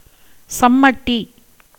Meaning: 1. horsewhip 2. smith's large hammer, sledge
- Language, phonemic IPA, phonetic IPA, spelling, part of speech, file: Tamil, /tʃɐmːɐʈːiː/, [sɐmːɐʈːiː], சம்மட்டி, noun, Ta-சம்மட்டி.ogg